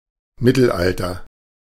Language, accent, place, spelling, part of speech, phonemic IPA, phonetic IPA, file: German, Germany, Berlin, Mittelalter, proper noun / noun, /ˈmɪtəlˌaltər/, [ˈmɪ.tl̩ˌʔal.tɐ], De-Mittelalter.ogg
- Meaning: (proper noun) the Middle Ages (period of chiefly European history); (noun) dark ages, an uncultured or barbaric era (from a misrepresented view with roots in Renaissance and Protestant thought)